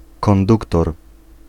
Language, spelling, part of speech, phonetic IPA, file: Polish, konduktor, noun, [kɔ̃nˈduktɔr], Pl-konduktor.ogg